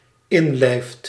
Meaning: second/third-person singular dependent-clause present indicative of inlijven
- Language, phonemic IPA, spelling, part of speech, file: Dutch, /ˈɪnlɛɪft/, inlijft, verb, Nl-inlijft.ogg